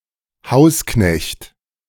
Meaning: 1. manservant 2. boots (in a guesthouse etc.)
- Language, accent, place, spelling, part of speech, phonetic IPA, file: German, Germany, Berlin, Hausknecht, noun, [ˈhaʊ̯sˌknɛçt], De-Hausknecht.ogg